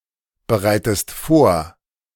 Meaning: inflection of vorbereiten: 1. second-person singular present 2. second-person singular subjunctive I
- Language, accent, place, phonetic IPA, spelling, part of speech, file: German, Germany, Berlin, [bəˌʁaɪ̯təst ˈfoːɐ̯], bereitest vor, verb, De-bereitest vor.ogg